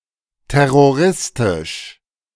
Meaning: terroristic
- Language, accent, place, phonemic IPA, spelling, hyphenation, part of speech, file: German, Germany, Berlin, /ˌtɛʁoˈʁɪstɪʃ/, terroristisch, ter‧ro‧ris‧tisch, adjective, De-terroristisch.ogg